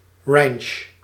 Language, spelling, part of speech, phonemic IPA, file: Dutch, ranch, noun, /rɛnʃ/, Nl-ranch.ogg
- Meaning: ranch, notably livestock breeding farm, especially in North America and in other English-speaking countries